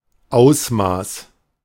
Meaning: extent, scale
- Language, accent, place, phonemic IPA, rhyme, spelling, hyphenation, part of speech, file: German, Germany, Berlin, /ˈaʊ̯smaːs/, -aːs, Ausmaß, Aus‧maß, noun, De-Ausmaß.ogg